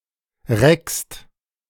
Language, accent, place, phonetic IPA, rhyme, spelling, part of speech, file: German, Germany, Berlin, [ʁɛkst], -ɛkst, reckst, verb, De-reckst.ogg
- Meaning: second-person singular present of recken